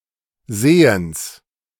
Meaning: genitive singular of Sehen
- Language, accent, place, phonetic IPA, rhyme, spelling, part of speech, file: German, Germany, Berlin, [ˈzeːəns], -eːəns, Sehens, noun, De-Sehens.ogg